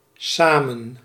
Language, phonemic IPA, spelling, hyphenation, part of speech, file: Dutch, /ˈsaː.mə(n)/, samen, sa‧men, adverb, Nl-samen.ogg
- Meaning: together